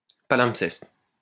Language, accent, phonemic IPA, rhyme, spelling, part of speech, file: French, France, /pa.lɛ̃p.sɛst/, -ɛst, palimpseste, noun, LL-Q150 (fra)-palimpseste.wav
- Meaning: palimpsest